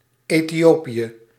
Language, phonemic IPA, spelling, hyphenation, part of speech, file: Dutch, /ˌeː.tiˈoː.pi.ə/, Ethiopië, Ethi‧o‧pië, proper noun, Nl-Ethiopië.ogg
- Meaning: Ethiopia (a country in East Africa)